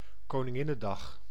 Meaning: a former national holiday in the Netherlands, occurring on April 30th (or April 29th, if it would otherwise fall on a Sunday) as an official celebration of its current queen's birthday
- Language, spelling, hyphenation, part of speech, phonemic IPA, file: Dutch, Koninginnedag, Ko‧nin‧gin‧ne‧dag, noun, /koːnɪˈŋɪnəˌdɑx/, Nl-koninginnedag.ogg